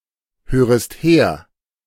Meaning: second-person singular subjunctive I of herhören
- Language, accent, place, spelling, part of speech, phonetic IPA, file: German, Germany, Berlin, hörest her, verb, [ˌhøːʁəst ˈheːɐ̯], De-hörest her.ogg